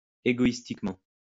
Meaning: egoistically
- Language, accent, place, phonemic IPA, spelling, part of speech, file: French, France, Lyon, /e.ɡo.is.tik.mɑ̃/, égoïstiquement, adverb, LL-Q150 (fra)-égoïstiquement.wav